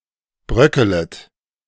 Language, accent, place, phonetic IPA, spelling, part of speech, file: German, Germany, Berlin, [ˈbʁœkələt], bröckelet, verb, De-bröckelet.ogg
- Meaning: second-person plural subjunctive I of bröckeln